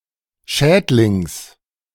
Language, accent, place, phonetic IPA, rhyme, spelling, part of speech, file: German, Germany, Berlin, [ˈʃɛːtlɪŋs], -ɛːtlɪŋs, Schädlings, noun, De-Schädlings.ogg
- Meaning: genitive singular of Schädling